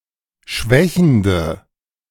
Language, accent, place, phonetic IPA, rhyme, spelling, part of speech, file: German, Germany, Berlin, [ˈʃvɛçn̩də], -ɛçn̩də, schwächende, adjective, De-schwächende.ogg
- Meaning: inflection of schwächend: 1. strong/mixed nominative/accusative feminine singular 2. strong nominative/accusative plural 3. weak nominative all-gender singular